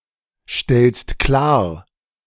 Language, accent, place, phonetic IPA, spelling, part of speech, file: German, Germany, Berlin, [ˌʃtɛlst ˈklaːɐ̯], stellst klar, verb, De-stellst klar.ogg
- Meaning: second-person singular present of klarstellen